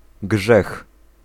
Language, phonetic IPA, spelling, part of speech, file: Polish, [ɡʒɛx], grzech, noun, Pl-grzech.ogg